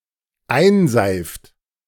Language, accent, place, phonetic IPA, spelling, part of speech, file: German, Germany, Berlin, [ˈaɪ̯nˌzaɪ̯ft], einseift, verb, De-einseift.ogg
- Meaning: inflection of einseifen: 1. third-person singular dependent present 2. second-person plural dependent present